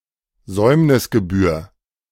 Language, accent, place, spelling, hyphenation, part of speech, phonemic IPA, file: German, Germany, Berlin, Säumnisgebühr, Säum‧nis‧ge‧bühr, noun, /ˈzɔɪ̯mnɪsɡəˌbyːɐ̯/, De-Säumnisgebühr.ogg
- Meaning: late fee